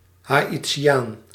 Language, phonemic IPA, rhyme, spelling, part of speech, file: Dutch, /ˌɦaː.iˈtʃaːn/, -aːn, Haïtiaan, noun, Nl-Haïtiaan.ogg
- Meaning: a Haitian